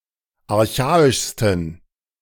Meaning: 1. superlative degree of archaisch 2. inflection of archaisch: strong genitive masculine/neuter singular superlative degree
- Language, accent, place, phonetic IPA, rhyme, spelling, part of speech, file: German, Germany, Berlin, [aʁˈçaːɪʃstn̩], -aːɪʃstn̩, archaischsten, adjective, De-archaischsten.ogg